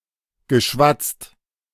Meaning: past participle of schwatzen
- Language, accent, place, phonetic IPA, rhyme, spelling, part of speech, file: German, Germany, Berlin, [ɡəˈʃvat͡st], -at͡st, geschwatzt, verb, De-geschwatzt.ogg